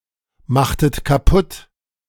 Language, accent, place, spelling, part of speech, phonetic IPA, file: German, Germany, Berlin, machtet kaputt, verb, [ˌmaxtət kaˈpʊt], De-machtet kaputt.ogg
- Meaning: inflection of kaputtmachen: 1. second-person plural preterite 2. second-person plural subjunctive II